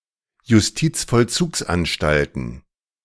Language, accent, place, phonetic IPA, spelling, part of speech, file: German, Germany, Berlin, [jʊsˈtiːt͡sfɔlˌt͡suːksʔanʃtaltn̩], Justizvollzugsanstalten, noun, De-Justizvollzugsanstalten.ogg
- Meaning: plural of Justizvollzugsanstalt